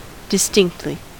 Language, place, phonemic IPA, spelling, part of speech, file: English, California, /dɪˈstɪŋktli/, distinctly, adverb, En-us-distinctly.ogg
- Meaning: In a distinct manner